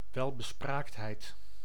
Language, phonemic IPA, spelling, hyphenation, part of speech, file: Dutch, /ˌʋɛl.bəˈspraːkt.ɦɛi̯t/, welbespraaktheid, wel‧be‧spraakt‧heid, noun, Nl-welbespraaktheid.ogg
- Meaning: eloquence (the quality of artistry and persuasiveness in speech or writing)